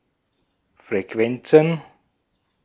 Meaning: plural of Frequenz
- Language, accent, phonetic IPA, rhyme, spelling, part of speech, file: German, Austria, [fʁeˈkvɛnt͡sn̩], -ɛnt͡sn̩, Frequenzen, noun, De-at-Frequenzen.ogg